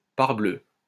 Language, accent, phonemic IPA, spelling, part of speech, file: French, France, /paʁ.blø/, parbleu, interjection, LL-Q150 (fra)-parbleu.wav
- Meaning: by Jove; gadzooks